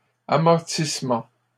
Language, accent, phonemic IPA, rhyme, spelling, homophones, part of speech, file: French, Canada, /a.mɔʁ.tis.mɑ̃/, -ɑ̃, amortissement, amortissements, noun, LL-Q150 (fra)-amortissement.wav
- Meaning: 1. amortizement 2. cushioning, softening, or deafening of a sound or impact